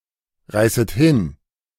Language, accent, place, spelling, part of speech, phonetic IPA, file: German, Germany, Berlin, reißet hin, verb, [ˌʁaɪ̯sət ˈhɪn], De-reißet hin.ogg
- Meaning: second-person plural subjunctive I of hinreißen